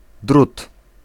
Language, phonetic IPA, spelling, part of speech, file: Polish, [drut], drut, noun, Pl-drut.ogg